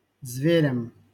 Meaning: dative plural of зверь (zverʹ)
- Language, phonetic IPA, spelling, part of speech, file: Russian, [zvʲɪˈrʲam], зверям, noun, LL-Q7737 (rus)-зверям.wav